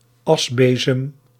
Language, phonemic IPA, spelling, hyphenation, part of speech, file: Dutch, /ˈɑsˌbeː.zəm/, asbezem, as‧be‧zem, noun, Nl-asbezem.ogg
- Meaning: a brush for removing ash from fireplaces, having a handle and rough bristles; used in combination with a dustpan